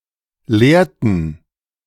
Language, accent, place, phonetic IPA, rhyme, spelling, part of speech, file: German, Germany, Berlin, [ˈleːɐ̯tn̩], -eːɐ̯tn̩, leerten, verb, De-leerten.ogg
- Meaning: inflection of leeren: 1. first/third-person plural preterite 2. first/third-person plural subjunctive II